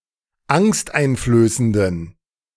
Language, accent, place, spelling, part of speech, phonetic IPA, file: German, Germany, Berlin, angsteinflößenden, adjective, [ˈaŋstʔaɪ̯nfløːsəndn̩], De-angsteinflößenden.ogg
- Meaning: inflection of angsteinflößend: 1. strong genitive masculine/neuter singular 2. weak/mixed genitive/dative all-gender singular 3. strong/weak/mixed accusative masculine singular 4. strong dative plural